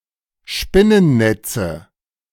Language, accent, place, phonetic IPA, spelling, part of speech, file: German, Germany, Berlin, [ˈʃpɪnənˌnɛt͡sə], Spinnennetze, noun, De-Spinnennetze.ogg
- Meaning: nominative/accusative/genitive plural of Spinnennetz